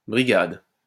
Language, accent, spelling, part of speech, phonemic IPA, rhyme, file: French, France, brigade, noun, /bʁi.ɡad/, -ad, LL-Q150 (fra)-brigade.wav
- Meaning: 1. brigade 2. brigade, team of workers